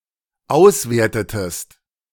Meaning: inflection of auswerten: 1. second-person singular dependent preterite 2. second-person singular dependent subjunctive II
- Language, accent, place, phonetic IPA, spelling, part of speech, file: German, Germany, Berlin, [ˈaʊ̯sˌveːɐ̯tətəst], auswertetest, verb, De-auswertetest.ogg